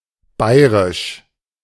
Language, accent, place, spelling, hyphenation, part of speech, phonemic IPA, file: German, Germany, Berlin, bayerisch, bay‧e‧risch, adjective, /ˈbaɪ̯(ə)ʁɪʃ/, De-bayerisch.ogg
- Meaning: alternative form of bayrisch: Bavarian (of, from or relating to the state of Bavaria, Germany)